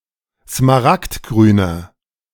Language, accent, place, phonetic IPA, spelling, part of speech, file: German, Germany, Berlin, [smaˈʁaktˌɡʁyːnɐ], smaragdgrüner, adjective, De-smaragdgrüner.ogg
- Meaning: inflection of smaragdgrün: 1. strong/mixed nominative masculine singular 2. strong genitive/dative feminine singular 3. strong genitive plural